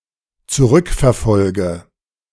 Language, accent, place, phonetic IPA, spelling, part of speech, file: German, Germany, Berlin, [t͡suˈʁʏkfɛɐ̯ˌfɔlɡə], zurückverfolge, verb, De-zurückverfolge.ogg
- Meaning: inflection of zurückverfolgen: 1. first-person singular dependent present 2. first/third-person singular dependent subjunctive I